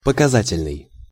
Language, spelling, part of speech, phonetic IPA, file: Russian, показательный, adjective, [pəkɐˈzatʲɪlʲnɨj], Ru-показательный.ogg
- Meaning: 1. significant, revealing, indicative 2. demonstration 3. model 4. exponential